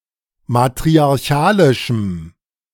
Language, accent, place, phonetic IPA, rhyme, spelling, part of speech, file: German, Germany, Berlin, [matʁiaʁˈçaːlɪʃm̩], -aːlɪʃm̩, matriarchalischem, adjective, De-matriarchalischem.ogg
- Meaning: strong dative masculine/neuter singular of matriarchalisch